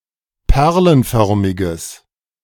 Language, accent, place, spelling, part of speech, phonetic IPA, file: German, Germany, Berlin, perlenförmiges, adjective, [ˈpɛʁlənˌfœʁmɪɡəs], De-perlenförmiges.ogg
- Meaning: strong/mixed nominative/accusative neuter singular of perlenförmig